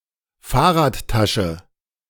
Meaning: pannier
- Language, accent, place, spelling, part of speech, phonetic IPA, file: German, Germany, Berlin, Fahrradtasche, noun, [ˈfaːɐ̯ʁaːtˌtaʃə], De-Fahrradtasche.ogg